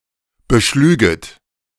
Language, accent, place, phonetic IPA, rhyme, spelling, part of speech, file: German, Germany, Berlin, [bəˈʃlyːɡət], -yːɡət, beschlüget, verb, De-beschlüget.ogg
- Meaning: second-person plural subjunctive II of beschlagen